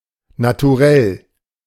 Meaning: disposition, nature, temperament
- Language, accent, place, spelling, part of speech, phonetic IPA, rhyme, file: German, Germany, Berlin, Naturell, noun, [natuˈʁɛl], -ɛl, De-Naturell.ogg